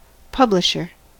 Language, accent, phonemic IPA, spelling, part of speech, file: English, US, /ˈpʌblɪʃɚ/, publisher, noun, En-us-publisher.ogg
- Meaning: 1. A person or (especially) a company who publishes, especially books 2. A system or component that allows other components (subscribers) to receive notifications of something, such as an event